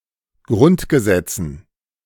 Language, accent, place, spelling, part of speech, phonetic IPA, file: German, Germany, Berlin, Grundgesetzen, noun, [ˈɡʁʊntɡəˌzɛt͡sn̩], De-Grundgesetzen.ogg
- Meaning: dative plural of Grundgesetz